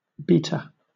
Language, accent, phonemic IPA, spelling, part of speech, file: English, Southern England, /ˈbiːtə/, beater, noun, LL-Q1860 (eng)-beater.wav
- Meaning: 1. Someone or something that beats 2. A kitchen implement for mixing 3. An implement used to strike certain percussion instruments